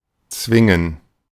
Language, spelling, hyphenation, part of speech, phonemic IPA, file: German, zwingen, zwin‧gen, verb, /ˈtsvɪŋən/, De-zwingen.oga
- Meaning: 1. to force; to compel; to make (someone do something) 2. to force; to compel; to make (someone do something): to (strictly) necessitate, to force